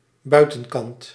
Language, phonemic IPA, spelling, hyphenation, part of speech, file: Dutch, /ˈbœy̯.tə(n)ˌkɑnt/, buitenkant, bui‧ten‧kant, noun, Nl-buitenkant.ogg
- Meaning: the outer side: outside